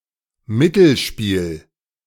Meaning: middlegame
- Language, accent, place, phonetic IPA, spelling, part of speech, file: German, Germany, Berlin, [ˈmɪtl̩ˌʃpiːl], Mittelspiel, noun, De-Mittelspiel.ogg